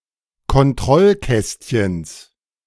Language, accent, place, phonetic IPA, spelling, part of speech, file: German, Germany, Berlin, [kɔnˈtʁɔlˌkɛstçn̩s], Kontrollkästchens, noun, De-Kontrollkästchens.ogg
- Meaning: genitive singular of Kontrollkästchen